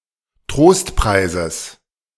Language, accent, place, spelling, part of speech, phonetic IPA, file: German, Germany, Berlin, Trostpreises, noun, [ˈtʁoːstˌpʁaɪ̯zəs], De-Trostpreises.ogg
- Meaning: genitive singular of Trostpreis